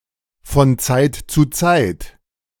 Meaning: from time to time
- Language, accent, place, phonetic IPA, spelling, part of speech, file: German, Germany, Berlin, [fɔn ˈt͡saɪ̯t t͡suː ˈt͡saɪ̯t], von Zeit zu Zeit, adverb, De-von Zeit zu Zeit.ogg